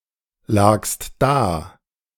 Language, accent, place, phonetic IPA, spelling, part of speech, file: German, Germany, Berlin, [ˌlaːkst ˈdaː], lagst da, verb, De-lagst da.ogg
- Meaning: second-person singular preterite of daliegen